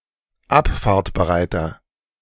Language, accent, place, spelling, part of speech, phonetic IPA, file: German, Germany, Berlin, abfahrtbereiter, adjective, [ˈapfaːɐ̯tbəˌʁaɪ̯tɐ], De-abfahrtbereiter.ogg
- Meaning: inflection of abfahrtbereit: 1. strong/mixed nominative masculine singular 2. strong genitive/dative feminine singular 3. strong genitive plural